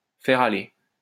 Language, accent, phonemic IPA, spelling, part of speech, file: French, France, /fɛʁ a.le/, faire aller, verb, LL-Q150 (fra)-faire aller.wav
- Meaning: to pull someone's leg, to fool, usually as a joke